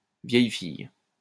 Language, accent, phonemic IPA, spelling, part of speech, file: French, France, /vjɛj fij/, vieille fille, noun, LL-Q150 (fra)-vieille fille.wav
- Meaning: spinster, old maid